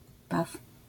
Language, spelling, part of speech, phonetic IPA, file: Polish, paw, noun, [paf], LL-Q809 (pol)-paw.wav